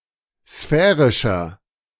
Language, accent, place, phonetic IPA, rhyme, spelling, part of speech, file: German, Germany, Berlin, [ˈsfɛːʁɪʃɐ], -ɛːʁɪʃɐ, sphärischer, adjective, De-sphärischer.ogg
- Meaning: 1. comparative degree of sphärisch 2. inflection of sphärisch: strong/mixed nominative masculine singular 3. inflection of sphärisch: strong genitive/dative feminine singular